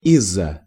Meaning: 1. from (behind) 2. from (from a place where one was occupied) 3. because of, due to, over
- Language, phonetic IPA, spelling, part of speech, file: Russian, [ˈiz‿zə], из-за, preposition, Ru-из-за.ogg